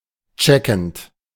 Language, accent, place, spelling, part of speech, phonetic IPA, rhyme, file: German, Germany, Berlin, checkend, verb, [ˈt͡ʃɛkn̩t], -ɛkn̩t, De-checkend.ogg
- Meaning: present participle of checken